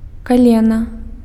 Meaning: knee
- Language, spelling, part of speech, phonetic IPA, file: Belarusian, калена, noun, [kaˈlʲena], Be-калена.ogg